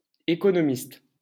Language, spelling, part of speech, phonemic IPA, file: French, économiste, noun, /e.kɔ.nɔ.mist/, LL-Q150 (fra)-économiste.wav
- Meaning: economist